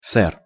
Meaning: sir (address to a man in an English context, e.g. in translations from English)
- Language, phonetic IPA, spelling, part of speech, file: Russian, [sɛr], сэр, noun, Ru-сэр.ogg